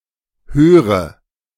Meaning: inflection of hören: 1. first-person singular present 2. first/third-person singular subjunctive I 3. singular imperative
- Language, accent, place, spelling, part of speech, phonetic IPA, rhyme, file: German, Germany, Berlin, höre, verb, [ˈhøːʁə], -øːʁə, De-höre.ogg